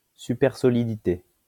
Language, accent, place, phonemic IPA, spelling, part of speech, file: French, France, Lyon, /sy.pɛʁ.sɔ.li.di.te/, supersolidité, noun, LL-Q150 (fra)-supersolidité.wav
- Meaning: supersolidity